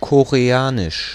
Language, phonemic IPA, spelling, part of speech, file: German, /koʁeˈaːnɪʃ/, Koreanisch, proper noun, De-Koreanisch.ogg
- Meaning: Korean